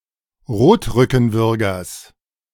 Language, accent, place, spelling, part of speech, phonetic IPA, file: German, Germany, Berlin, Rotrückenwürgers, noun, [ˈʁoːtʁʏkn̩ˌvʏʁɡɐs], De-Rotrückenwürgers.ogg
- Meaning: genitive singular of Rotrückenwürger